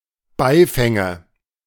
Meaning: nominative/accusative/genitive plural of Beifang
- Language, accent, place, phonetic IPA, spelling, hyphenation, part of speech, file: German, Germany, Berlin, [ˈbaɪ̯fɛŋə], Beifänge, Bei‧fän‧ge, noun, De-Beifänge.ogg